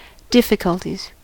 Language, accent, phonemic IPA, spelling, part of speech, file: English, US, /ˈdɪfɪkəltiz/, difficulties, noun, En-us-difficulties.ogg
- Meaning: 1. plural of difficulty 2. a series of frustrations